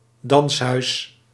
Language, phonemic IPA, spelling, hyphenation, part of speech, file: Dutch, /ˈdɑns.ɦœy̯s/, danshuis, dans‧huis, noun, Nl-danshuis.ogg
- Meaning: 1. dancehall 2. brothel